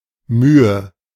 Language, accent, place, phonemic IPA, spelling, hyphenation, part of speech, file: German, Germany, Berlin, /ˈmyːə/, Mühe, Mü‧he, noun, De-Mühe.ogg
- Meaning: effort, difficulty